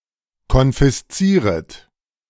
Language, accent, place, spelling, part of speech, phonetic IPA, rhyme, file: German, Germany, Berlin, konfiszieret, verb, [kɔnfɪsˈt͡siːʁət], -iːʁət, De-konfiszieret.ogg
- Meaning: second-person plural subjunctive I of konfiszieren